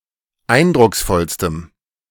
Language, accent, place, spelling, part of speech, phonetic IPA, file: German, Germany, Berlin, eindrucksvollstem, adjective, [ˈaɪ̯ndʁʊksˌfɔlstəm], De-eindrucksvollstem.ogg
- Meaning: strong dative masculine/neuter singular superlative degree of eindrucksvoll